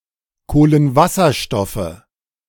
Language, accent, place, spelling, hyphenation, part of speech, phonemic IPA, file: German, Germany, Berlin, Kohlenwasserstoffe, Koh‧len‧was‧ser‧stof‧fe, noun, /ˌkoːlənˈvasɐʃtɔfə/, De-Kohlenwasserstoffe.ogg
- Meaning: nominative/accusative/genitive plural of Kohlenwasserstoff